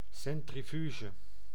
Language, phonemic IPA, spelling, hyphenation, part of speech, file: Dutch, /ˌsɛn.triˈfyː.ʒə/, centrifuge, cen‧tri‧fu‧ge, noun, Nl-centrifuge.ogg
- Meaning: centrifuge